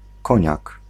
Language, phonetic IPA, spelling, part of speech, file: Polish, [ˈkɔ̃ɲak], koniak, noun, Pl-koniak.ogg